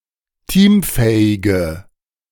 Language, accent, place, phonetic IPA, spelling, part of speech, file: German, Germany, Berlin, [ˈtiːmˌfɛːɪɡə], teamfähige, adjective, De-teamfähige.ogg
- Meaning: inflection of teamfähig: 1. strong/mixed nominative/accusative feminine singular 2. strong nominative/accusative plural 3. weak nominative all-gender singular